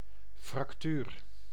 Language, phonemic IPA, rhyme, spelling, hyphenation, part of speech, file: Dutch, /frɑkˈtyːr/, -yːr, fractuur, frac‧tuur, noun, Nl-fractuur.ogg
- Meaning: fracture, esp. in a bone